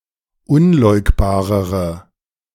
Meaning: inflection of unleugbar: 1. strong/mixed nominative/accusative feminine singular comparative degree 2. strong nominative/accusative plural comparative degree
- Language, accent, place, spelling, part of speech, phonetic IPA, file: German, Germany, Berlin, unleugbarere, adjective, [ˈʊnˌlɔɪ̯kbaːʁəʁə], De-unleugbarere.ogg